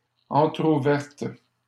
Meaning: feminine plural of entrouvert
- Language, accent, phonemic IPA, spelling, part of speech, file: French, Canada, /ɑ̃.tʁu.vɛʁt/, entrouvertes, adjective, LL-Q150 (fra)-entrouvertes.wav